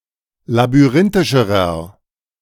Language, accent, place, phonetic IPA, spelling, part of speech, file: German, Germany, Berlin, [labyˈʁɪntɪʃəʁɐ], labyrinthischerer, adjective, De-labyrinthischerer.ogg
- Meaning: inflection of labyrinthisch: 1. strong/mixed nominative masculine singular comparative degree 2. strong genitive/dative feminine singular comparative degree